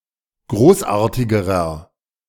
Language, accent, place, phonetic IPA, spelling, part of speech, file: German, Germany, Berlin, [ˈɡʁoːsˌʔaːɐ̯tɪɡəʁɐ], großartigerer, adjective, De-großartigerer.ogg
- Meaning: inflection of großartig: 1. strong/mixed nominative masculine singular comparative degree 2. strong genitive/dative feminine singular comparative degree 3. strong genitive plural comparative degree